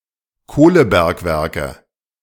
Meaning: nominative/accusative/genitive plural of Kohlebergwerk
- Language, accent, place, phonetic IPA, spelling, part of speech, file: German, Germany, Berlin, [ˈkoːləˌbɛʁkvɛʁkə], Kohlebergwerke, noun, De-Kohlebergwerke.ogg